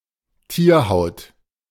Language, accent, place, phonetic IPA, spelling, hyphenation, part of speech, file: German, Germany, Berlin, [ˈtiːɐ̯ˌhaʊ̯t], Tierhaut, Tier‧haut, noun, De-Tierhaut.ogg
- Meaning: hide